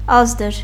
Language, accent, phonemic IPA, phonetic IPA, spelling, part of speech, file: Armenian, Eastern Armenian, /ˈɑzdəɾ/, [ɑ́zdəɾ], ազդր, noun, Hy-ազդր.ogg
- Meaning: thigh; hip